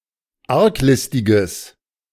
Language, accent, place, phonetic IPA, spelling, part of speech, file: German, Germany, Berlin, [ˈaʁkˌlɪstɪɡəs], arglistiges, adjective, De-arglistiges.ogg
- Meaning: strong/mixed nominative/accusative neuter singular of arglistig